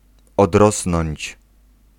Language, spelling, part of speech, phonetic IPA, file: Polish, odrosnąć, verb, [ɔdˈrɔsnɔ̃ɲt͡ɕ], Pl-odrosnąć.ogg